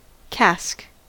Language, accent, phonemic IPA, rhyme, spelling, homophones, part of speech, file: English, US, /kæsk/, -æsk, cask, casque, noun / verb, En-us-cask.ogg
- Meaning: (noun) 1. A large barrel for the storage of liquid, especially of alcoholic drinks. (See a diagram of cask sizes.) 2. A casket; a small box for jewels 3. A brougham or other private carriage